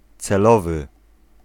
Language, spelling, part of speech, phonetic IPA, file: Polish, celowy, adjective, [t͡sɛˈlɔvɨ], Pl-celowy.ogg